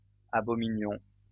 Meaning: inflection of abominer: 1. first-person plural imperfect indicative 2. first-person plural present subjunctive
- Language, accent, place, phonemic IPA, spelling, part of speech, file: French, France, Lyon, /a.bɔ.mi.njɔ̃/, abominions, verb, LL-Q150 (fra)-abominions.wav